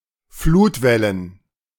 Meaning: plural of Flutwelle
- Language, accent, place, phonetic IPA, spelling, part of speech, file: German, Germany, Berlin, [ˈfluːtˌvɛlən], Flutwellen, noun, De-Flutwellen.ogg